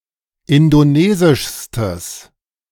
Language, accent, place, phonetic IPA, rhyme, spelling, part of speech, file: German, Germany, Berlin, [ˌɪndoˈneːzɪʃstəs], -eːzɪʃstəs, indonesischstes, adjective, De-indonesischstes.ogg
- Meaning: strong/mixed nominative/accusative neuter singular superlative degree of indonesisch